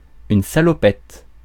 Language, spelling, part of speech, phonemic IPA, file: French, salopette, noun, /sa.lɔ.pɛt/, Fr-salopette.ogg
- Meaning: 1. overalls (clothing) 2. dungarees (clothing)